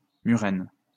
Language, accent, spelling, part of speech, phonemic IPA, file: French, France, murène, noun, /my.ʁɛn/, LL-Q150 (fra)-murène.wav
- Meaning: moray eel